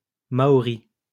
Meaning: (adjective) Maori (relating to the Maori people or language); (noun) the Maori language
- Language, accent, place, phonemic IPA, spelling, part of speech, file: French, France, Lyon, /ma.ɔ.ʁi/, maori, adjective / noun, LL-Q150 (fra)-maori.wav